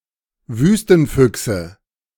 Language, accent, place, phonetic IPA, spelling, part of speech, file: German, Germany, Berlin, [ˈvyːstn̩ˌfʏksə], Wüstenfüchse, noun, De-Wüstenfüchse.ogg
- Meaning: 1. nominative plural of Wüstenfuchs 2. genitive plural of Wüstenfuchs 3. accusative plural of Wüstenfuchs